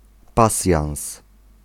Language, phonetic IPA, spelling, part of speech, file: Polish, [ˈpasʲjãw̃s], pasjans, noun, Pl-pasjans.ogg